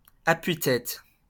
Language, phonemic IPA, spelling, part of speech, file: French, /a.pɥi.tɛt/, appuie-tête, noun, LL-Q150 (fra)-appuie-tête.wav
- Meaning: post-1990 spelling of appui-tête